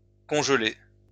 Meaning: past participle of congeler
- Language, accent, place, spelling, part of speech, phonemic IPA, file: French, France, Lyon, congelé, verb, /kɔ̃ʒ.le/, LL-Q150 (fra)-congelé.wav